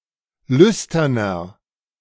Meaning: 1. comparative degree of lüstern 2. inflection of lüstern: strong/mixed nominative masculine singular 3. inflection of lüstern: strong genitive/dative feminine singular
- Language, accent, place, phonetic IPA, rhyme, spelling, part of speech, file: German, Germany, Berlin, [ˈlʏstɐnɐ], -ʏstɐnɐ, lüsterner, adjective, De-lüsterner.ogg